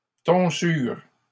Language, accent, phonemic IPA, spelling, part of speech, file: French, Canada, /tɔ̃.syʁ/, tonsure, noun / verb, LL-Q150 (fra)-tonsure.wav
- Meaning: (noun) tonsure; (verb) inflection of tonsurer: 1. first/third-person singular present indicative/subjunctive 2. second-person singular imperative